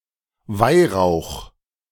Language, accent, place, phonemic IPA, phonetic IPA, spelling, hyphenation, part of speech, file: German, Germany, Berlin, /ˈvaɪ̯ˌʁaʊ̯x/, [ˈvaɪ̯.raʊ̯χ], Weihrauch, Weih‧rauch, noun, De-Weihrauch.ogg
- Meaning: frankincense